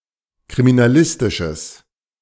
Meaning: strong/mixed nominative/accusative neuter singular of kriminalistisch
- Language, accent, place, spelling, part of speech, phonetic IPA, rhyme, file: German, Germany, Berlin, kriminalistisches, adjective, [kʁiminaˈlɪstɪʃəs], -ɪstɪʃəs, De-kriminalistisches.ogg